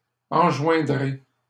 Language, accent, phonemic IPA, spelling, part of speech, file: French, Canada, /ɑ̃.ʒwɛ̃.dʁe/, enjoindrai, verb, LL-Q150 (fra)-enjoindrai.wav
- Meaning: first-person singular future of enjoindre